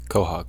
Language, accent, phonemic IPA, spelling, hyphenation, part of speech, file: English, General American, /ˈkwɔ.hɔɡ/, quahog, qua‧hog, noun / verb, En-us-quahog.ogg
- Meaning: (noun) An edible clam with a hard shell found along the Atlantic Coast of North America, from species Mercenaria mercenaria, formerly Venus mercenaria